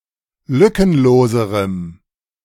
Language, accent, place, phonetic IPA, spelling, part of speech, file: German, Germany, Berlin, [ˈlʏkənˌloːzəʁəm], lückenloserem, adjective, De-lückenloserem.ogg
- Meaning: strong dative masculine/neuter singular comparative degree of lückenlos